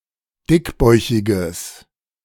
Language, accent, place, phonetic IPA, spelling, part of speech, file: German, Germany, Berlin, [ˈdɪkˌbɔɪ̯çɪɡəs], dickbäuchiges, adjective, De-dickbäuchiges.ogg
- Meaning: strong/mixed nominative/accusative neuter singular of dickbäuchig